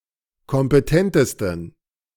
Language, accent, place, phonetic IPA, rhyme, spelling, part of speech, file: German, Germany, Berlin, [kɔmpəˈtɛntəstn̩], -ɛntəstn̩, kompetentesten, adjective, De-kompetentesten.ogg
- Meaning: 1. superlative degree of kompetent 2. inflection of kompetent: strong genitive masculine/neuter singular superlative degree